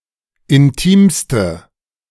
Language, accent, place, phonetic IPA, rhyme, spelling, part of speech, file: German, Germany, Berlin, [ɪnˈtiːmstə], -iːmstə, intimste, adjective, De-intimste.ogg
- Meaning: inflection of intim: 1. strong/mixed nominative/accusative feminine singular superlative degree 2. strong nominative/accusative plural superlative degree